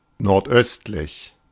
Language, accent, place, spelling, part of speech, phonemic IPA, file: German, Germany, Berlin, nordöstlich, adjective, /nɔʁtˈʔœstlɪç/, De-nordöstlich.ogg
- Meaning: northeasterly